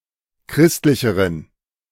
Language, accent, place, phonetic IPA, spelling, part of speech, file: German, Germany, Berlin, [ˈkʁɪstlɪçəʁən], christlicheren, adjective, De-christlicheren.ogg
- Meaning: inflection of christlich: 1. strong genitive masculine/neuter singular comparative degree 2. weak/mixed genitive/dative all-gender singular comparative degree